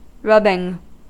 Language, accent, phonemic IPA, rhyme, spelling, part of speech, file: English, US, /ˈɹʌbɪŋ/, -ʌbɪŋ, rubbing, noun / verb, En-us-rubbing.ogg
- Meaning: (noun) An impression of an embossed or incised surface made by placing a piece of paper over it and rubbing with graphite, crayon or other coloring agent; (verb) present participle and gerund of rub